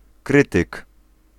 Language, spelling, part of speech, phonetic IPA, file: Polish, krytyk, noun, [ˈkrɨtɨk], Pl-krytyk.ogg